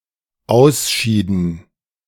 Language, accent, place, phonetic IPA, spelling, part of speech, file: German, Germany, Berlin, [ˈaʊ̯sˌʃiːdn̩], ausschieden, verb, De-ausschieden.ogg
- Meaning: inflection of ausscheiden: 1. first/third-person plural dependent preterite 2. first/third-person plural dependent subjunctive II